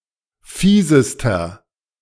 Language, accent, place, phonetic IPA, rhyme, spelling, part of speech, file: German, Germany, Berlin, [ˈfiːzəstɐ], -iːzəstɐ, fiesester, adjective, De-fiesester.ogg
- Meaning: inflection of fies: 1. strong/mixed nominative masculine singular superlative degree 2. strong genitive/dative feminine singular superlative degree 3. strong genitive plural superlative degree